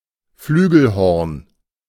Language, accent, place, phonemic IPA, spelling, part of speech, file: German, Germany, Berlin, /ˈflyːɡl̩hɔʁn/, Flügelhorn, noun, De-Flügelhorn.ogg
- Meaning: A brass instrument resembling a cornet; a bugle with valves